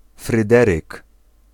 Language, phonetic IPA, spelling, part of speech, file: Polish, [frɨˈdɛrɨk], Fryderyk, proper noun / noun, Pl-Fryderyk.ogg